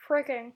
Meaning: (adjective) A minced oath of "fucking" as an intensifier; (adverb) Freaking
- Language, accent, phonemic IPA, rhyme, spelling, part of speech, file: English, US, /ˈfɹɪkɪŋ/, -ɪkɪŋ, fricking, adjective / adverb, Fricking.wav